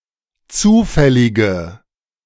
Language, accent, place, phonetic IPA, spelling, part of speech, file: German, Germany, Berlin, [ˈt͡suːfɛlɪɡə], zufällige, adjective, De-zufällige.ogg
- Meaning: inflection of zufällig: 1. strong/mixed nominative/accusative feminine singular 2. strong nominative/accusative plural 3. weak nominative all-gender singular